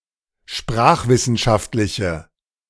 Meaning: inflection of sprachwissenschaftlich: 1. strong/mixed nominative/accusative feminine singular 2. strong nominative/accusative plural 3. weak nominative all-gender singular
- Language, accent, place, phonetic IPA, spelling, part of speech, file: German, Germany, Berlin, [ˈʃpʁaːxvɪsn̩ˌʃaftlɪçə], sprachwissenschaftliche, adjective, De-sprachwissenschaftliche.ogg